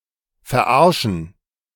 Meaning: to trick, to fool, to prank (to cause to believe something untrue)
- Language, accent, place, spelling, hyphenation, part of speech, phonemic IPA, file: German, Germany, Berlin, verarschen, ver‧ar‧schen, verb, /fɛɐ̯ˈʔaʁʃn̩/, De-verarschen.ogg